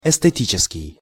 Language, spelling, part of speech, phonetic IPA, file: Russian, эстетический, adjective, [ɪstɨˈtʲit͡ɕɪskʲɪj], Ru-эстетический.ogg
- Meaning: esthetic (concerned with beauty)